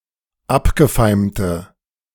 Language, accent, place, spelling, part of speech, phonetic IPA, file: German, Germany, Berlin, abgefeimte, adjective, [ˈapɡəˌfaɪ̯mtə], De-abgefeimte.ogg
- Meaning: inflection of abgefeimt: 1. strong/mixed nominative/accusative feminine singular 2. strong nominative/accusative plural 3. weak nominative all-gender singular